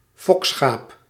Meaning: a breeding sheep, a sheep used for breeding
- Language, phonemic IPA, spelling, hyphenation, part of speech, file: Dutch, /ˈfɔk.sxaːp/, fokschaap, fok‧schaap, noun, Nl-fokschaap.ogg